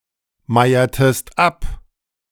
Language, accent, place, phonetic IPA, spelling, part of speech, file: German, Germany, Berlin, [ˌmaɪ̯ɐtəst ˈap], meiertest ab, verb, De-meiertest ab.ogg
- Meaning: inflection of abmeiern: 1. second-person singular preterite 2. second-person singular subjunctive II